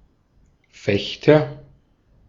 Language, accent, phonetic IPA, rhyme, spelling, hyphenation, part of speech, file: German, Austria, [ˈfɛçtɐ], -ɛçtɐ, Fechter, Fech‧ter, noun, De-at-Fechter.ogg
- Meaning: fencer